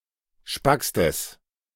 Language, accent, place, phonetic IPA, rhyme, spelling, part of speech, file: German, Germany, Berlin, [ˈʃpakstəs], -akstəs, spackstes, adjective, De-spackstes.ogg
- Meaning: strong/mixed nominative/accusative neuter singular superlative degree of spack